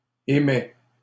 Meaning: third-person singular present indicative of émettre
- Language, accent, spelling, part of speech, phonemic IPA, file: French, Canada, émet, verb, /e.mɛ/, LL-Q150 (fra)-émet.wav